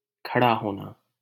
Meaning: to stand up
- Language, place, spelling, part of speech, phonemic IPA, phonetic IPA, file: Hindi, Delhi, खड़ा होना, verb, /kʰə.ɽɑː ɦoː.nɑː/, [kʰɐ.ɽäː‿ɦoː.näː], LL-Q1568 (hin)-खड़ा होना.wav